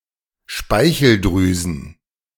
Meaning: plural of Speicheldrüse
- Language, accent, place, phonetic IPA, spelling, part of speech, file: German, Germany, Berlin, [ˈʃpaɪ̯çl̩ˌdʁyːzn̩], Speicheldrüsen, noun, De-Speicheldrüsen.ogg